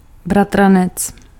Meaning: cousin, male first cousin (son of a person's uncle or aunt)
- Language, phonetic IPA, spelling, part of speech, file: Czech, [ˈbratranɛt͡s], bratranec, noun, Cs-bratranec.ogg